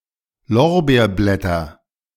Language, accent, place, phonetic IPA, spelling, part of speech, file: German, Germany, Berlin, [ˈlɔʁbeːɐ̯ˌblɛtɐ], Lorbeerblätter, noun, De-Lorbeerblätter.ogg
- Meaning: nominative/accusative/genitive plural of Lorbeerblatt